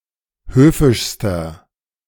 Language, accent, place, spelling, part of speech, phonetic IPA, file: German, Germany, Berlin, höfischster, adjective, [ˈhøːfɪʃstɐ], De-höfischster.ogg
- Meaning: inflection of höfisch: 1. strong/mixed nominative masculine singular superlative degree 2. strong genitive/dative feminine singular superlative degree 3. strong genitive plural superlative degree